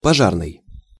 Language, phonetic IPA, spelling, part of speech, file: Russian, [pɐˈʐarnɨj], пожарный, adjective / noun, Ru-пожарный.ogg
- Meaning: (adjective) fire; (noun) fireman